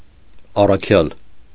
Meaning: apostle
- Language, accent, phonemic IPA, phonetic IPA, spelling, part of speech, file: Armenian, Eastern Armenian, /ɑrɑˈkʰjɑl/, [ɑrɑkʰjɑ́l], առաքյալ, noun, Hy-առաքյալ.ogg